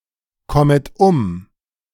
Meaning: second-person plural subjunctive I of umkommen
- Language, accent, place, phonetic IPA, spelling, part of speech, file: German, Germany, Berlin, [ˌkɔmət ˈʊm], kommet um, verb, De-kommet um.ogg